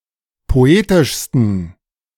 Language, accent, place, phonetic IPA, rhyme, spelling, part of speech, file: German, Germany, Berlin, [poˈeːtɪʃstn̩], -eːtɪʃstn̩, poetischsten, adjective, De-poetischsten.ogg
- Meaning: 1. superlative degree of poetisch 2. inflection of poetisch: strong genitive masculine/neuter singular superlative degree